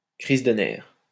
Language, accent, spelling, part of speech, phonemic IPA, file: French, France, crise de nerfs, noun, /kʁiz də nɛʁ/, LL-Q150 (fra)-crise de nerfs.wav
- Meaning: nervous breakdown